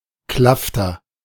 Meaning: 1. fathom (regionally dependent unit of length approximately equal to 1.90 meters) 2. regionally dependent unit of volume approximately equal to 3 cubic meters
- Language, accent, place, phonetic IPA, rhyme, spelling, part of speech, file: German, Germany, Berlin, [ˈklaftɐ], -aftɐ, Klafter, noun, De-Klafter.ogg